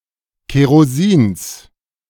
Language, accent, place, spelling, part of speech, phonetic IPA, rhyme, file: German, Germany, Berlin, Kerosins, noun, [keʁoˈziːns], -iːns, De-Kerosins.ogg
- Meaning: genitive singular of Kerosin